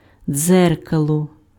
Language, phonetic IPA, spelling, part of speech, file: Ukrainian, [ˈd͡zɛrkɐɫɔ], дзеркало, noun, Uk-дзеркало.ogg
- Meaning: mirror, looking glass